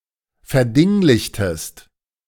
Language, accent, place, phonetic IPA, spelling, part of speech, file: German, Germany, Berlin, [fɛɐ̯ˈdɪŋlɪçtəst], verdinglichtest, verb, De-verdinglichtest.ogg
- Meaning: inflection of verdinglichen: 1. second-person singular preterite 2. second-person singular subjunctive II